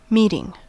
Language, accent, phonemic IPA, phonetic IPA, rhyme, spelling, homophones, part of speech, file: English, US, /ˈmitɪŋ/, [ˈmiɾɪŋ], -iːtɪŋ, meeting, meting, noun / verb, En-us-meeting.ogg
- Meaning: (noun) 1. The act of persons or things that meet 2. A gathering of persons for a purpose; an assembly 3. The people at such a gathering 4. An encounter between people, even accidental